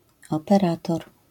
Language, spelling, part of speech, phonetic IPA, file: Polish, operator, noun, [ˌɔpɛˈratɔr], LL-Q809 (pol)-operator.wav